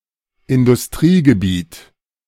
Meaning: industrial park
- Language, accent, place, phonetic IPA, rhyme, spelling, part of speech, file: German, Germany, Berlin, [ɪndʊsˈtʁiːɡəˌbiːt], -iːɡəbiːt, Industriegebiet, noun, De-Industriegebiet.ogg